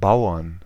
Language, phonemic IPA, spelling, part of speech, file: German, /ˈbaʊ̯ɐn/, Bauern, noun, De-Bauern.ogg
- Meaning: plural of Bauer